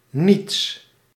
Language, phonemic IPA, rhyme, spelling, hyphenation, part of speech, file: Dutch, /nits/, -its, niets, niets, pronoun, Nl-niets.ogg
- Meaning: nothing